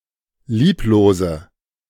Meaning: inflection of lieblos: 1. strong/mixed nominative/accusative feminine singular 2. strong nominative/accusative plural 3. weak nominative all-gender singular 4. weak accusative feminine/neuter singular
- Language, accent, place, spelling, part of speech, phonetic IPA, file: German, Germany, Berlin, lieblose, adjective, [ˈliːploːzə], De-lieblose.ogg